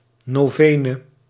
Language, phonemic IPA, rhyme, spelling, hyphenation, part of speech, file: Dutch, /ˌnoːˈveː.nə/, -eːnə, novene, no‧ve‧ne, noun, Nl-novene.ogg
- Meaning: a novena